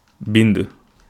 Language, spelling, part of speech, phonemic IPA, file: Wolof, bind, verb, /bind/, Wo-bind.ogg
- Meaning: to write